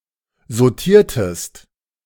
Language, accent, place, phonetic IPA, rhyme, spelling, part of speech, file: German, Germany, Berlin, [zoˈtiːɐ̯təst], -iːɐ̯təst, sautiertest, verb, De-sautiertest.ogg
- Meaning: inflection of sautieren: 1. second-person singular preterite 2. second-person singular subjunctive II